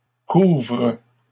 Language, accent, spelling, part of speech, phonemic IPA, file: French, Canada, couvrent, verb, /kuvʁ/, LL-Q150 (fra)-couvrent.wav
- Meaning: third-person plural present indicative/subjunctive of couvrir